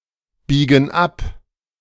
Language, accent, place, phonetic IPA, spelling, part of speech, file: German, Germany, Berlin, [ˌbiːɡn̩ ˈap], biegen ab, verb, De-biegen ab.ogg
- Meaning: inflection of abbiegen: 1. first/third-person plural present 2. first/third-person plural subjunctive I